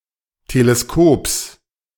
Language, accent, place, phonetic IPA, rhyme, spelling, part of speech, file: German, Germany, Berlin, [teleˈskoːps], -oːps, Teleskops, noun, De-Teleskops.ogg
- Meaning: genitive singular of Teleskop